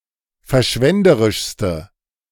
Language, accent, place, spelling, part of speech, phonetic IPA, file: German, Germany, Berlin, verschwenderischste, adjective, [fɛɐ̯ˈʃvɛndəʁɪʃstə], De-verschwenderischste.ogg
- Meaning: inflection of verschwenderisch: 1. strong/mixed nominative/accusative feminine singular superlative degree 2. strong nominative/accusative plural superlative degree